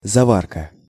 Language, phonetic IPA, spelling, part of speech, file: Russian, [zɐˈvarkə], заварка, noun, Ru-заварка.ogg
- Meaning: 1. the process of brewing 2. tea (dried tea leaves for brewing) 3. tea (brewed tea leaves) 4. the process of welding